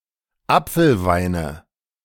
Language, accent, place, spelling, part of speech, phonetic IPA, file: German, Germany, Berlin, Apfelweine, noun, [ˈap͡fl̩ˌvaɪ̯nə], De-Apfelweine.ogg
- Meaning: nominative/accusative/genitive plural of Apfelwein